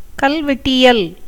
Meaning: epigraphy
- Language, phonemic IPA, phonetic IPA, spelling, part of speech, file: Tamil, /kɐlʋɛʈːɪjɐl/, [kɐlʋe̞ʈːɪjɐl], கல்வெட்டியல், noun, Ta-கல்வெட்டியல்.ogg